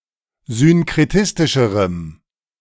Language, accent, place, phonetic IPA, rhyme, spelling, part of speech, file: German, Germany, Berlin, [zʏnkʁeˈtɪstɪʃəʁəm], -ɪstɪʃəʁəm, synkretistischerem, adjective, De-synkretistischerem.ogg
- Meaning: strong dative masculine/neuter singular comparative degree of synkretistisch